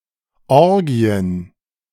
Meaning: plural of Orgie
- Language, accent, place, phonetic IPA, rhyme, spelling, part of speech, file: German, Germany, Berlin, [ˈɔʁɡi̯ən], -ɔʁɡi̯ən, Orgien, noun, De-Orgien.ogg